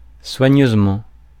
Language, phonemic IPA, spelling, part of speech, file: French, /swa.ɲøz.mɑ̃/, soigneusement, adverb, Fr-soigneusement.ogg
- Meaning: carefully (with care)